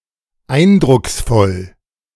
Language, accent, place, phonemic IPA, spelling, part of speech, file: German, Germany, Berlin, /ˈaɪ̯ndʁʊksˌfɔl/, eindrucksvoll, adjective, De-eindrucksvoll.ogg
- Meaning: impressive